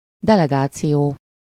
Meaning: delegation
- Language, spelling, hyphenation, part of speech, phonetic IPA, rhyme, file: Hungarian, delegáció, de‧le‧gá‧ció, noun, [ˈdɛlɛɡaːt͡sijoː], -joː, Hu-delegáció.ogg